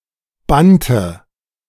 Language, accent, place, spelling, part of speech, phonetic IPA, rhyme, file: German, Germany, Berlin, bannte, verb, [ˈbantə], -antə, De-bannte.ogg
- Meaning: inflection of bannen: 1. first/third-person singular preterite 2. first/third-person singular subjunctive II